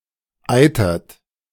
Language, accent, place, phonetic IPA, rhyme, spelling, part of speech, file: German, Germany, Berlin, [ˈaɪ̯tɐt], -aɪ̯tɐt, eitert, verb, De-eitert.ogg
- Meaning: inflection of eitern: 1. third-person singular present 2. second-person plural present 3. plural imperative